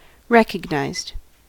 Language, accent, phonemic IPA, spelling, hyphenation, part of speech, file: English, US, /ˈɹɛkəɡnaɪzd/, recognized, rec‧og‧nized, adjective / verb, En-us-recognized.ogg
- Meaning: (adjective) Notable; distinguished; honored; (verb) simple past and past participle of recognize